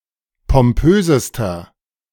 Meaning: inflection of pompös: 1. strong/mixed nominative masculine singular superlative degree 2. strong genitive/dative feminine singular superlative degree 3. strong genitive plural superlative degree
- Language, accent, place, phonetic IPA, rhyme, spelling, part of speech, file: German, Germany, Berlin, [pɔmˈpøːzəstɐ], -øːzəstɐ, pompösester, adjective, De-pompösester.ogg